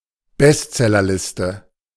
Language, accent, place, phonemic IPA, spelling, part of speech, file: German, Germany, Berlin, /ˈbɛstzɛlɐˌlɪstə/, Bestsellerliste, noun, De-Bestsellerliste.ogg
- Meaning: list of bestsellers